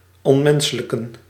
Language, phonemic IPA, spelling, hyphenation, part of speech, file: Dutch, /ɔntˈmɛn.sə.lə.kə(n)/, ontmenselijken, ont‧men‧se‧lijk‧en, verb, Nl-ontmenselijken.ogg
- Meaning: to dehumanize